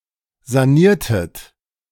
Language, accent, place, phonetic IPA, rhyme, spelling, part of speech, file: German, Germany, Berlin, [zaˈniːɐ̯tət], -iːɐ̯tət, saniertet, verb, De-saniertet.ogg
- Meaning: inflection of sanieren: 1. second-person plural preterite 2. second-person plural subjunctive II